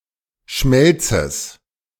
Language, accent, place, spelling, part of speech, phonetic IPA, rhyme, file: German, Germany, Berlin, Schmelzes, noun, [ˈʃmɛlt͡səs], -ɛlt͡səs, De-Schmelzes.ogg
- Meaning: genitive singular of Schmelz